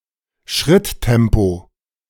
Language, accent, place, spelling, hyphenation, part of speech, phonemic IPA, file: German, Germany, Berlin, Schritttempo, Schritt‧tem‧po, noun, /ˈʃʁɪtˌtɛmpo/, De-Schritttempo.ogg
- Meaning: walking pace